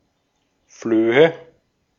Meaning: nominative/accusative/genitive plural of Floh
- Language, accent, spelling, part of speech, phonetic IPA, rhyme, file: German, Austria, Flöhe, noun, [fløːə], -øːə, De-at-Flöhe.ogg